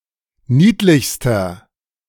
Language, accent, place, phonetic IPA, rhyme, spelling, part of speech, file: German, Germany, Berlin, [ˈniːtlɪçstɐ], -iːtlɪçstɐ, niedlichster, adjective, De-niedlichster.ogg
- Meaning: inflection of niedlich: 1. strong/mixed nominative masculine singular superlative degree 2. strong genitive/dative feminine singular superlative degree 3. strong genitive plural superlative degree